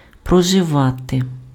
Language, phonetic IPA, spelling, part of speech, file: Ukrainian, [prɔʒeˈʋate], проживати, verb, Uk-проживати.ogg
- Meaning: 1. to live, to reside, to dwell 2. to spend, to run through